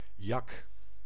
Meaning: alternative spelling of jak
- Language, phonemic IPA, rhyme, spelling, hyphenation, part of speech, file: Dutch, /jɑk/, -ɑk, yak, yak, noun, Nl-yak.ogg